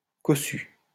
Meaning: 1. poddy (having many pods) 2. well-off, well-to-do 3. opulent, showing well-offness, luxurious
- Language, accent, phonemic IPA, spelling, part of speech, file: French, France, /kɔ.sy/, cossu, adjective, LL-Q150 (fra)-cossu.wav